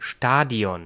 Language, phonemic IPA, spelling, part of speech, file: German, /ˈʃtaːdi̯ɔn/, Stadion, noun, De-Stadion.ogg
- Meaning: 1. stadium (venue for sporting events) 2. stadion (Ancient Greek unit of length)